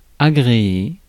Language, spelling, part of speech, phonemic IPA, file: French, agréer, verb, /a.ɡʁe.e/, Fr-agréer.ogg
- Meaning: 1. to accept 2. to prepare; rig; trim